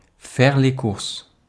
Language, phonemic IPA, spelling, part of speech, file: French, /fɛʁ le kuʁs/, faire les courses, verb, Fr-faire les courses.ogg
- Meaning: to do the shopping, to do the shopping errands